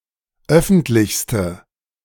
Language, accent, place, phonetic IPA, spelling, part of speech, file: German, Germany, Berlin, [ˈœfn̩tlɪçstə], öffentlichste, adjective, De-öffentlichste.ogg
- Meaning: inflection of öffentlich: 1. strong/mixed nominative/accusative feminine singular superlative degree 2. strong nominative/accusative plural superlative degree